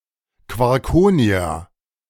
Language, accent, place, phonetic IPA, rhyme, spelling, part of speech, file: German, Germany, Berlin, [kvɔʁˈkoːni̯a], -oːni̯a, Quarkonia, noun, De-Quarkonia.ogg
- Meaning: plural of Quarkonium "quarkonia,quarkoniums"